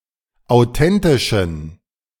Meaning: inflection of authentisch: 1. strong genitive masculine/neuter singular 2. weak/mixed genitive/dative all-gender singular 3. strong/weak/mixed accusative masculine singular 4. strong dative plural
- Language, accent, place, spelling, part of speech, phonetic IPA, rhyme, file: German, Germany, Berlin, authentischen, adjective, [aʊ̯ˈtɛntɪʃn̩], -ɛntɪʃn̩, De-authentischen.ogg